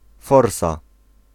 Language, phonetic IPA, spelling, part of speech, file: Polish, [ˈfɔrsa], forsa, noun, Pl-forsa.ogg